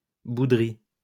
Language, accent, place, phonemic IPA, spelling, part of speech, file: French, France, Lyon, /bu.dʁi/, bouderie, noun, LL-Q150 (fra)-bouderie.wav
- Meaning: 1. pouting 2. sulk